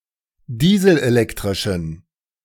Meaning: inflection of dieselelektrisch: 1. strong genitive masculine/neuter singular 2. weak/mixed genitive/dative all-gender singular 3. strong/weak/mixed accusative masculine singular
- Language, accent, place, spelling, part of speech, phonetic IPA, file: German, Germany, Berlin, dieselelektrischen, adjective, [ˈdiːzl̩ʔeˌlɛktʁɪʃn̩], De-dieselelektrischen.ogg